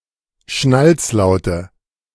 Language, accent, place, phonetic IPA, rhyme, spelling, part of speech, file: German, Germany, Berlin, [ˈʃnalt͡sˌlaʊ̯tə], -alt͡slaʊ̯tə, Schnalzlaute, noun, De-Schnalzlaute.ogg
- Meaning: nominative/accusative/genitive plural of Schnalzlaut